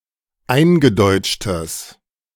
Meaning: strong/mixed nominative/accusative neuter singular of eingedeutscht
- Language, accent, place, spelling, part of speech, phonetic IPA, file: German, Germany, Berlin, eingedeutschtes, adjective, [ˈaɪ̯nɡəˌdɔɪ̯t͡ʃtəs], De-eingedeutschtes.ogg